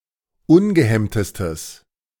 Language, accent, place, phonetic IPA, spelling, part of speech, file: German, Germany, Berlin, [ˈʊnɡəˌhɛmtəstəs], ungehemmtestes, adjective, De-ungehemmtestes.ogg
- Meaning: strong/mixed nominative/accusative neuter singular superlative degree of ungehemmt